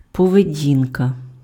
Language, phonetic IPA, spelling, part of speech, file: Ukrainian, [pɔʋeˈdʲinkɐ], поведінка, noun, Uk-поведінка.ogg
- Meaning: 1. behaviour (UK), behavior (US), conduct 2. demeanour (UK), demeanor (US)